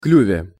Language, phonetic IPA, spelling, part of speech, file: Russian, [ˈklʲʉvʲe], клюве, noun, Ru-клюве.ogg
- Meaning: prepositional singular of клюв (kljuv)